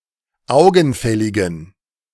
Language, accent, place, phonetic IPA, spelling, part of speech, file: German, Germany, Berlin, [ˈaʊ̯ɡn̩ˌfɛlɪɡn̩], augenfälligen, adjective, De-augenfälligen.ogg
- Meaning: inflection of augenfällig: 1. strong genitive masculine/neuter singular 2. weak/mixed genitive/dative all-gender singular 3. strong/weak/mixed accusative masculine singular 4. strong dative plural